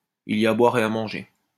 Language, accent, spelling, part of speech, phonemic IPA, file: French, France, il y a à boire et à manger, phrase, /i.l‿i.j‿a a bwa.ʁ‿e a mɑ̃.ʒe/, LL-Q150 (fra)-il y a à boire et à manger.wav
- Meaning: it's a mixed bag